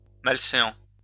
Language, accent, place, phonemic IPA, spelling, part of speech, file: French, France, Lyon, /mal.se.ɑ̃/, malséant, adjective, LL-Q150 (fra)-malséant.wav
- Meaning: unseemly